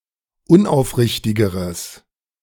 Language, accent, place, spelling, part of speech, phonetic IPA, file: German, Germany, Berlin, unaufrichtigeres, adjective, [ˈʊnʔaʊ̯fˌʁɪçtɪɡəʁəs], De-unaufrichtigeres.ogg
- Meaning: strong/mixed nominative/accusative neuter singular comparative degree of unaufrichtig